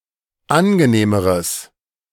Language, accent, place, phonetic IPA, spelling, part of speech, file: German, Germany, Berlin, [ˈanɡəˌneːməʁəs], angenehmeres, adjective, De-angenehmeres.ogg
- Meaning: strong/mixed nominative/accusative neuter singular comparative degree of angenehm